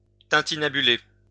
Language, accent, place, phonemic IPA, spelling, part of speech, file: French, France, Lyon, /tɛ̃.ti.na.by.le/, tintinnabuler, verb, LL-Q150 (fra)-tintinnabuler.wav
- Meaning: to tintinnabulate